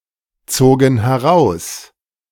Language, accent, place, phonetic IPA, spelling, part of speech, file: German, Germany, Berlin, [ˌt͡soːɡn̩ hɛˈʁaʊ̯s], zogen heraus, verb, De-zogen heraus.ogg
- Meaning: first/third-person plural preterite of herausziehen